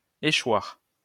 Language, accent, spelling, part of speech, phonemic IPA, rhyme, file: French, France, échoir, verb, /e.ʃwaʁ/, -waʁ, LL-Q150 (fra)-échoir.wav
- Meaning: 1. to befall, to happen by chance 2. to become payable, to be due